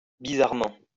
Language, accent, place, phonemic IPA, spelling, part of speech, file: French, France, Lyon, /bi.zaʁ.mɑ̃/, bizarrement, adverb, LL-Q150 (fra)-bizarrement.wav
- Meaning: bizarrely